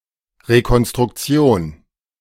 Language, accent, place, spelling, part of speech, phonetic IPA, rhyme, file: German, Germany, Berlin, Rekonstruktion, noun, [ʁekɔnstʁʊkˈt͡si̯oːn], -oːn, De-Rekonstruktion.ogg
- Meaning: reconstruction